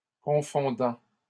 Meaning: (verb) present participle of confondre; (adjective) troubling, confusing
- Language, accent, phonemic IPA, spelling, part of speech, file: French, Canada, /kɔ̃.fɔ̃.dɑ̃/, confondant, verb / adjective, LL-Q150 (fra)-confondant.wav